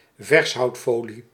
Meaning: clingfilm (esp. when used for wrapping food)
- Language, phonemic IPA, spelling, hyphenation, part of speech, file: Dutch, /ˈvɛrs.ɦɑu̯tˌfoː.li/, vershoudfolie, vers‧houd‧fo‧lie, noun, Nl-vershoudfolie.ogg